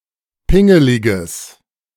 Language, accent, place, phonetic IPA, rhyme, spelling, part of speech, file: German, Germany, Berlin, [ˈpɪŋəlɪɡəs], -ɪŋəlɪɡəs, pingeliges, adjective, De-pingeliges.ogg
- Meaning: strong/mixed nominative/accusative neuter singular of pingelig